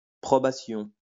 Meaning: probation (especially religious)
- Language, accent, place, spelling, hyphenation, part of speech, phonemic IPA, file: French, France, Lyon, probation, pro‧ba‧tion, noun, /pʁɔ.ba.sjɔ̃/, LL-Q150 (fra)-probation.wav